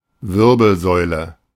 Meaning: vertebral column, backbone, spine
- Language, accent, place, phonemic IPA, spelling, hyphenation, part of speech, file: German, Germany, Berlin, /ˈvɪʁbl̩zɔɪ̯lə/, Wirbelsäule, Wir‧bel‧säu‧le, noun, De-Wirbelsäule.ogg